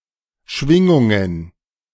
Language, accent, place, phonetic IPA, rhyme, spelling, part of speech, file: German, Germany, Berlin, [ˈʃvɪŋʊŋən], -ɪŋʊŋən, Schwingungen, noun, De-Schwingungen.ogg
- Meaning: plural of Schwingung